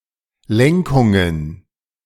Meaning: plural of Lenkung
- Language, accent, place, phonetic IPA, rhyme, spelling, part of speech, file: German, Germany, Berlin, [ˈlɛŋkʊŋən], -ɛŋkʊŋən, Lenkungen, noun, De-Lenkungen.ogg